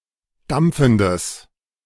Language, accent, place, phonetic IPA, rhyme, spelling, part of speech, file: German, Germany, Berlin, [ˈdamp͡fn̩dəs], -amp͡fn̩dəs, dampfendes, adjective, De-dampfendes.ogg
- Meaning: strong/mixed nominative/accusative neuter singular of dampfend